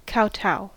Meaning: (verb) 1. To kneel and bow low enough to touch one’s forehead to the ground 2. To grovel, act in a very submissive manner; to show obeisance to (someone or something) in such a manner; to bow
- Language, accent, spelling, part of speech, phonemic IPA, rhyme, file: English, US, kowtow, verb / noun, /ˈkaʊˌtaʊ/, -aʊ, En-us-kowtow.ogg